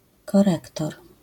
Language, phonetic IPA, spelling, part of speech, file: Polish, [kɔˈrɛktɔr], korektor, noun, LL-Q809 (pol)-korektor.wav